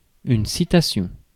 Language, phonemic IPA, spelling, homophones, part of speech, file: French, /si.ta.sjɔ̃/, citation, citations / citassions, noun, Fr-citation.ogg
- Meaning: citation, quotation